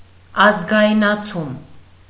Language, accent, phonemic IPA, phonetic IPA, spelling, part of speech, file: Armenian, Eastern Armenian, /ɑzɡɑjnɑˈt͡sʰum/, [ɑzɡɑjnɑt͡sʰúm], ազգայնացում, noun, Hy-ազգայնացում.ogg
- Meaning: nationalization (the act of taking formerly private assets into public or state ownership)